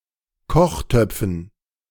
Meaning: dative plural of Kochtopf
- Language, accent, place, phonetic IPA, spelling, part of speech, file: German, Germany, Berlin, [ˈkɔxˌtœp͡fn̩], Kochtöpfen, noun, De-Kochtöpfen.ogg